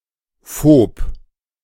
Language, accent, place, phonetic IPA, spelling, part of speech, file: German, Germany, Berlin, [foːp], -phob, suffix, De--phob.ogg
- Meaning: -phobic